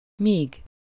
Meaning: 1. as long as, while 2. till, until
- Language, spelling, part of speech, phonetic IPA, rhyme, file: Hungarian, míg, adverb, [ˈmiːɡ], -iːɡ, Hu-míg.ogg